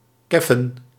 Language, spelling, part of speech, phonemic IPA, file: Dutch, keffen, verb, /ˈkɛ.fə(n)/, Nl-keffen.ogg
- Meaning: to yap